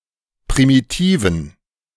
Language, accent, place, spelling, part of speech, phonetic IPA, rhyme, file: German, Germany, Berlin, primitiven, adjective, [pʁimiˈtiːvn̩], -iːvn̩, De-primitiven.ogg
- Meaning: inflection of primitiv: 1. strong genitive masculine/neuter singular 2. weak/mixed genitive/dative all-gender singular 3. strong/weak/mixed accusative masculine singular 4. strong dative plural